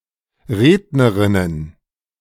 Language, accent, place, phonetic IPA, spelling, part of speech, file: German, Germany, Berlin, [ˈʁeːdnəʁɪnən], Rednerinnen, noun, De-Rednerinnen.ogg
- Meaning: plural of Rednerin